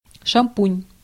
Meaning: 1. shampoo 2. champagne
- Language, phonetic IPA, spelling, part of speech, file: Russian, [ʂɐmˈpunʲ], шампунь, noun, Ru-шампунь.ogg